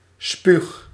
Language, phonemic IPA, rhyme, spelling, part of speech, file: Dutch, /spyx/, -yx, spuug, noun / verb, Nl-spuug.ogg
- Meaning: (noun) spit, spawl; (verb) inflection of spugen: 1. first-person singular present indicative 2. second-person singular present indicative 3. imperative